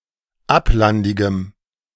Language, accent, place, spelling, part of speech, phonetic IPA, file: German, Germany, Berlin, ablandigem, adjective, [ˈaplandɪɡəm], De-ablandigem.ogg
- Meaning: strong dative masculine/neuter singular of ablandig